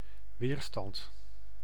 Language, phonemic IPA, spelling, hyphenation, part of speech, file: Dutch, /ˈʋeːr.stɑnt/, weerstand, weer‧stand, noun, Nl-weerstand.ogg
- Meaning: 1. resistance 2. electrical resistance 3. resistor (electronic component)